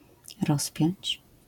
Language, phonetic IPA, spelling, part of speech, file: Polish, [ˈrɔspʲjɔ̇̃ɲt͡ɕ], rozpiąć, verb, LL-Q809 (pol)-rozpiąć.wav